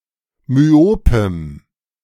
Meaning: strong dative masculine/neuter singular of myop
- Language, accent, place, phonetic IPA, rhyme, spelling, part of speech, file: German, Germany, Berlin, [myˈoːpəm], -oːpəm, myopem, adjective, De-myopem.ogg